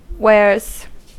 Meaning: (noun) plural of wear; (verb) third-person singular simple present indicative of wear
- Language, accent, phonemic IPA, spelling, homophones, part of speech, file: English, US, /wɛɹz/, wears, waers / warez, noun / verb, En-us-wears.ogg